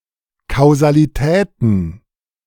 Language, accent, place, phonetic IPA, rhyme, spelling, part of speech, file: German, Germany, Berlin, [kaʊ̯zaliˈtɛːtn̩], -ɛːtn̩, Kausalitäten, noun, De-Kausalitäten.ogg
- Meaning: plural of Kausalität